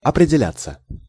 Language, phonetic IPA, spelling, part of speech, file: Russian, [ɐprʲɪdʲɪˈlʲat͡sːə], определяться, verb, Ru-определяться.ogg
- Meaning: 1. to take shape, to be / become formed (of one's character); to clarify itself 2. to find / determine one's position 3. to enter, to enlist (in); to find a place, to get employment